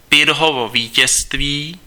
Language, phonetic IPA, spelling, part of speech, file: Czech, [pɪr̩ɦovo viːcɛstviː], Pyrrhovo vítězství, noun, Cs-Pyrrhovo vítězství.ogg
- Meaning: Pyrrhic victory